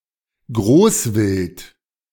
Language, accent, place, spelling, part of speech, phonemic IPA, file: German, Germany, Berlin, Großwild, noun, /ˈɡʁoːsvɪlt/, De-Großwild.ogg
- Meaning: big game